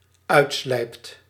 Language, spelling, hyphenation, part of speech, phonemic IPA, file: Dutch, uitslijpt, uit‧slijpt, verb, /ˈœy̯tˌslɛi̯pt/, Nl-uitslijpt.ogg
- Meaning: second/third-person singular dependent-clause present indicative of uitslijpen